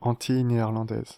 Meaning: the Netherlands Antilles
- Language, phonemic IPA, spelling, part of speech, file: French, /ɑ̃.tij ne.ɛʁ.lɑ̃.dɛz/, Antilles néerlandaises, proper noun, Fr-Antilles néerlandaises.ogg